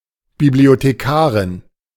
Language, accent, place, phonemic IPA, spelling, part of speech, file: German, Germany, Berlin, /ˌbiblioteˈkaːʁɪn/, Bibliothekarin, noun, De-Bibliothekarin.ogg
- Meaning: librarian (female)